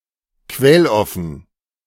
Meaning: open-source
- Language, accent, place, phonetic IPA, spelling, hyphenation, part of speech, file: German, Germany, Berlin, [ˈkvɛlˌɔfn̩], quelloffen, quell‧of‧fen, adjective, De-quelloffen.ogg